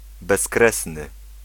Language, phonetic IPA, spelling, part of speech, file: Polish, [bɛsˈkrɛsnɨ], bezkresny, adjective, Pl-bezkresny.ogg